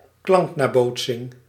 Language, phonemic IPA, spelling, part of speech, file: Dutch, /ˈklɑŋkˌnaːboːtsɪŋ/, klanknabootsing, noun, Nl-klanknabootsing.ogg
- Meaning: 1. a sound-imitation 2. an onomatopoeia; a word which developed out of sound-imitation